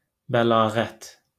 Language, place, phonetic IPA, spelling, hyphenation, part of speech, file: Azerbaijani, Baku, [bæɫɑːˈɣæt], bəlağət, bə‧la‧ğət, noun, LL-Q9292 (aze)-bəlağət.wav
- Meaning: eloquence